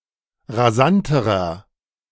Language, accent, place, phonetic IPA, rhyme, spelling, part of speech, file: German, Germany, Berlin, [ʁaˈzantəʁɐ], -antəʁɐ, rasanterer, adjective, De-rasanterer.ogg
- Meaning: inflection of rasant: 1. strong/mixed nominative masculine singular comparative degree 2. strong genitive/dative feminine singular comparative degree 3. strong genitive plural comparative degree